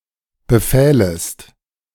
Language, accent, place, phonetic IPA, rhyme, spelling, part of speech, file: German, Germany, Berlin, [bəˈfɛːləst], -ɛːləst, befählest, verb, De-befählest.ogg
- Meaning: second-person singular subjunctive II of befehlen